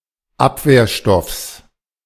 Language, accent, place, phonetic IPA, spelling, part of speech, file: German, Germany, Berlin, [ˈapveːɐ̯ˌʃtɔfs], Abwehrstoffs, noun, De-Abwehrstoffs.ogg
- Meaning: genitive singular of Abwehrstoff